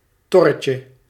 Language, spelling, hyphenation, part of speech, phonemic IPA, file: Dutch, torretje, tor‧re‧tje, noun, /tɔ.rə.tjə/, Nl-torretje.ogg
- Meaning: diminutive of tor